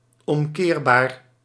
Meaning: reversible
- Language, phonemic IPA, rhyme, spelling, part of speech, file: Dutch, /ˌɔmˈkeːr.baːr/, -eːrbaːr, omkeerbaar, adjective, Nl-omkeerbaar.ogg